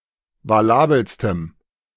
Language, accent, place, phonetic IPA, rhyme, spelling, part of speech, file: German, Germany, Berlin, [vaˈlaːbl̩stəm], -aːbl̩stəm, valabelstem, adjective, De-valabelstem.ogg
- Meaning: strong dative masculine/neuter singular superlative degree of valabel